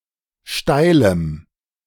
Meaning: strong dative masculine/neuter singular of steil
- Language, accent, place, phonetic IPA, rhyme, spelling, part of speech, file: German, Germany, Berlin, [ˈʃtaɪ̯ləm], -aɪ̯ləm, steilem, adjective, De-steilem.ogg